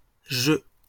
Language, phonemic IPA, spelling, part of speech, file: French, /ʒø/, jeux, noun, LL-Q150 (fra)-jeux.wav
- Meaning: plural of jeu